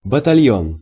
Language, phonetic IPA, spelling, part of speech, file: Russian, [bətɐˈlʲjɵn], батальон, noun, Ru-батальон.ogg
- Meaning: battalion